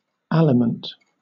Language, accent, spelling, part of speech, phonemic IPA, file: English, Southern England, aliment, noun / verb, /ˈæ.lɪ.mənt/, LL-Q1860 (eng)-aliment.wav
- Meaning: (noun) 1. Food 2. Nourishment, sustenance 3. An allowance for maintenance; alimony; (verb) 1. To feed, nourish 2. To sustain, support